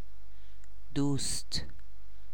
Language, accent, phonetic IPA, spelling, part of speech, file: Persian, Iran, [d̪uːst̪ʰ], دوست, noun, Fa-دوست.ogg
- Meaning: 1. friend 2. boyfriend or girlfriend 3. lover, beloved